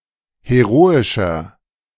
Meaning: 1. comparative degree of heroisch 2. inflection of heroisch: strong/mixed nominative masculine singular 3. inflection of heroisch: strong genitive/dative feminine singular
- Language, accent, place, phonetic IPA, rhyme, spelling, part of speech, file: German, Germany, Berlin, [heˈʁoːɪʃɐ], -oːɪʃɐ, heroischer, adjective, De-heroischer.ogg